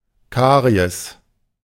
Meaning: caries
- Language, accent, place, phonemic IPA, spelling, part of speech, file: German, Germany, Berlin, /ˈkaʁi̯ɛs/, Karies, noun, De-Karies.ogg